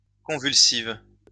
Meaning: feminine singular of convulsif
- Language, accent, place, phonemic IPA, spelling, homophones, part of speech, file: French, France, Lyon, /kɔ̃.vyl.siv/, convulsive, convulsives, adjective, LL-Q150 (fra)-convulsive.wav